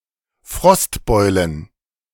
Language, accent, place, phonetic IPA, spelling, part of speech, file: German, Germany, Berlin, [ˈfʁɔstˌbɔɪ̯lən], Frostbeulen, noun, De-Frostbeulen.ogg
- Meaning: plural of Frostbeule